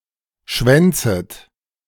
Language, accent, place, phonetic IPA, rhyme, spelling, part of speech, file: German, Germany, Berlin, [ˈʃvɛnt͡sət], -ɛnt͡sət, schwänzet, verb, De-schwänzet.ogg
- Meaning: second-person plural subjunctive I of schwänzen